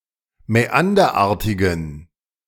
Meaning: inflection of mäanderartig: 1. strong genitive masculine/neuter singular 2. weak/mixed genitive/dative all-gender singular 3. strong/weak/mixed accusative masculine singular 4. strong dative plural
- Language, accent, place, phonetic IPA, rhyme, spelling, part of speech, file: German, Germany, Berlin, [mɛˈandɐˌʔaːɐ̯tɪɡn̩], -andɐʔaːɐ̯tɪɡn̩, mäanderartigen, adjective, De-mäanderartigen.ogg